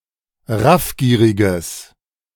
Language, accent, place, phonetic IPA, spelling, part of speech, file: German, Germany, Berlin, [ˈʁafˌɡiːʁɪɡəs], raffgieriges, adjective, De-raffgieriges.ogg
- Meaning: strong/mixed nominative/accusative neuter singular of raffgierig